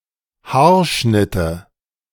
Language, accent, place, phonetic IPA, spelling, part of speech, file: German, Germany, Berlin, [ˈhaːɐ̯ˌʃnɪtə], Haarschnitte, noun, De-Haarschnitte.ogg
- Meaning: nominative/accusative/genitive plural of Haarschnitt